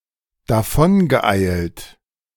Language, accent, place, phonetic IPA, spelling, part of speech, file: German, Germany, Berlin, [daˈfɔnɡəˌʔaɪ̯lt], davongeeilt, verb, De-davongeeilt.ogg
- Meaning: past participle of davoneilen